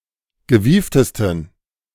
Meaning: 1. superlative degree of gewieft 2. inflection of gewieft: strong genitive masculine/neuter singular superlative degree
- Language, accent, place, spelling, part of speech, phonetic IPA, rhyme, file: German, Germany, Berlin, gewieftesten, adjective, [ɡəˈviːftəstn̩], -iːftəstn̩, De-gewieftesten.ogg